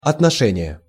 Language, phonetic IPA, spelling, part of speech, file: Russian, [ɐtnɐˈʂɛnʲɪje], отношение, noun, Ru-отношение.ogg
- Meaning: 1. attitude 2. treatment 3. relation, regard, respect, consideration 4. ratio 5. official letter